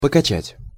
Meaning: 1. to rock, to swing, to shake, to wobble; to dandle 2. to pump 3. to toss, to roll, to pitch 4. to lift up, to chair (to toss someone up, like a group of fans their champion)
- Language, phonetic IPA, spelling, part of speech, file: Russian, [pəkɐˈt͡ɕætʲ], покачать, verb, Ru-покачать.ogg